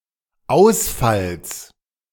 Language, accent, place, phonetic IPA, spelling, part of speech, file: German, Germany, Berlin, [ˈaʊ̯sfals], Ausfalls, noun, De-Ausfalls.ogg
- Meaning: genitive singular of Ausfall